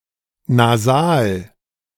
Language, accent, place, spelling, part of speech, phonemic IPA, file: German, Germany, Berlin, Nasal, noun, /naˈzaːl/, De-Nasal.ogg
- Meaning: nasal